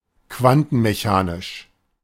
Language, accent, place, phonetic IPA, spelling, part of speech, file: German, Germany, Berlin, [ˈkvantn̩meˌçaːnɪʃ], quantenmechanisch, adjective, De-quantenmechanisch.ogg
- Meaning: quantum mechanical